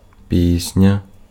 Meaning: 1. song 2. something very good
- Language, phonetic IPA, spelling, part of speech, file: Ukrainian, [ˈpʲisʲnʲɐ], пісня, noun, Uk-пісня.ogg